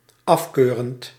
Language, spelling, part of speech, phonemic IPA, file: Dutch, afkeurend, verb / adjective, /ɑfˈkørənt/, Nl-afkeurend.ogg
- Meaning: present participle of afkeuren